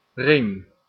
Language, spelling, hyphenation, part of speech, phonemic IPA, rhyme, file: Dutch, ring, ring, noun, /rɪŋ/, -ɪŋ, Nl-ring.ogg
- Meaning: 1. ring, hollow circular object 2. ring 3. beltway, ring road 4. stake (territorial division)